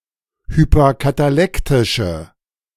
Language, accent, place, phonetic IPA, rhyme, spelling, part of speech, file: German, Germany, Berlin, [hypɐkataˈlɛktɪʃə], -ɛktɪʃə, hyperkatalektische, adjective, De-hyperkatalektische.ogg
- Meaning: inflection of hyperkatalektisch: 1. strong/mixed nominative/accusative feminine singular 2. strong nominative/accusative plural 3. weak nominative all-gender singular